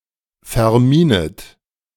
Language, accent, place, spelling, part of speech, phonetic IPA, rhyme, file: German, Germany, Berlin, verminet, verb, [fɛɐ̯ˈmiːnət], -iːnət, De-verminet.ogg
- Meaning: second-person plural subjunctive I of verminen